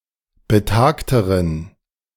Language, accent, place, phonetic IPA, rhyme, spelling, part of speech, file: German, Germany, Berlin, [bəˈtaːktəʁən], -aːktəʁən, betagteren, adjective, De-betagteren.ogg
- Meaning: inflection of betagt: 1. strong genitive masculine/neuter singular comparative degree 2. weak/mixed genitive/dative all-gender singular comparative degree